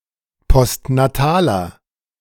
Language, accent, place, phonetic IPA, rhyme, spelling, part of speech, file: German, Germany, Berlin, [pɔstnaˈtaːlɐ], -aːlɐ, postnataler, adjective, De-postnataler.ogg
- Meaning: inflection of postnatal: 1. strong/mixed nominative masculine singular 2. strong genitive/dative feminine singular 3. strong genitive plural